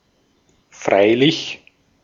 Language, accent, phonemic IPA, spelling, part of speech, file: German, Austria, /ˈfʁaɪ̯lɪç/, freilich, adverb, De-at-freilich.ogg
- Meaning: 1. however, albeit 2. of course, admittedly 3. of course, certainly, sure